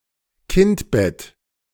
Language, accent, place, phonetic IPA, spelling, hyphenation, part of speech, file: German, Germany, Berlin, [ˈkɪntˌbɛt], Kindbett, Kind‧bett, noun, De-Kindbett.ogg
- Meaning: puerperium